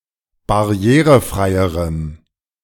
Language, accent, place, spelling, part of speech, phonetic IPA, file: German, Germany, Berlin, barrierefreierem, adjective, [baˈʁi̯eːʁəˌfʁaɪ̯əʁəm], De-barrierefreierem.ogg
- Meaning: strong dative masculine/neuter singular comparative degree of barrierefrei